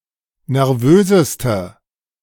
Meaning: inflection of nervös: 1. strong/mixed nominative/accusative feminine singular superlative degree 2. strong nominative/accusative plural superlative degree
- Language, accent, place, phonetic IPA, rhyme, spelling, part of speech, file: German, Germany, Berlin, [nɛʁˈvøːzəstə], -øːzəstə, nervöseste, adjective, De-nervöseste.ogg